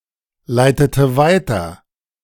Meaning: inflection of weiterleiten: 1. first/third-person singular preterite 2. first/third-person singular subjunctive II
- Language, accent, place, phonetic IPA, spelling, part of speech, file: German, Germany, Berlin, [ˌlaɪ̯tətə ˈvaɪ̯tɐ], leitete weiter, verb, De-leitete weiter.ogg